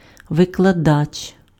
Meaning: lecturer (teacher in post-secondary education)
- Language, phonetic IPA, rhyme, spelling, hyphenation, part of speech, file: Ukrainian, [ʋekɫɐˈdat͡ʃ], -at͡ʃ, викладач, ви‧кла‧дач, noun, Uk-викладач.ogg